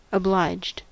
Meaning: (adjective) 1. Under an obligation to do something 2. Grateful or indebted because of a favor done; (verb) simple past and past participle of oblige
- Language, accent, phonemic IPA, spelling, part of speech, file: English, US, /əˈblaɪd͡ʒd/, obliged, adjective / verb, En-us-obliged.ogg